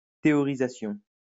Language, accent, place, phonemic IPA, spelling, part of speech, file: French, France, Lyon, /te.ɔ.ʁi.za.sjɔ̃/, théorisation, noun, LL-Q150 (fra)-théorisation.wav
- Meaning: theorisation